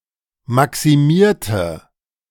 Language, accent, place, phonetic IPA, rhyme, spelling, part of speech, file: German, Germany, Berlin, [ˌmaksiˈmiːɐ̯tə], -iːɐ̯tə, maximierte, adjective / verb, De-maximierte.ogg
- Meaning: inflection of maximieren: 1. first/third-person singular preterite 2. first/third-person singular subjunctive II